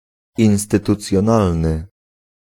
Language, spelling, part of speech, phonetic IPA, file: Polish, instytucjonalny, adjective, [ˌĩw̃stɨtut͡sʲjɔ̃ˈnalnɨ], Pl-instytucjonalny.ogg